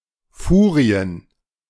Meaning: plural of Furie
- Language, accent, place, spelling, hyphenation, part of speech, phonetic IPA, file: German, Germany, Berlin, Furien, Fu‧ri‧en, noun, [ˈfuːʀi̯ən], De-Furien.ogg